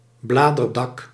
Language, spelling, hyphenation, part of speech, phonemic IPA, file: Dutch, bladerdak, bla‧der‧dak, noun, /ˈblaːdərdɑk/, Nl-bladerdak.ogg
- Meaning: canopy, topmost foliage